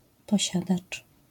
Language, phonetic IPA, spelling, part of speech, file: Polish, [pɔˈɕadat͡ʃ], posiadacz, noun, LL-Q809 (pol)-posiadacz.wav